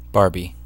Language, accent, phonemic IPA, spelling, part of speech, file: English, US, /ˈbɑɹbi/, Barbie, proper noun / noun, En-us-Barbie.ogg
- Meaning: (proper noun) A diminutive of the female given name Barbara; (noun) 1. A tall, slender female fashion doll 2. A beautiful but stupid or shallow young woman